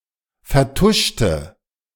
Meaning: inflection of vertuschen: 1. first/third-person singular preterite 2. first/third-person singular subjunctive II
- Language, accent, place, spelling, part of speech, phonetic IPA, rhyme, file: German, Germany, Berlin, vertuschte, adjective / verb, [fɛɐ̯ˈtʊʃtə], -ʊʃtə, De-vertuschte.ogg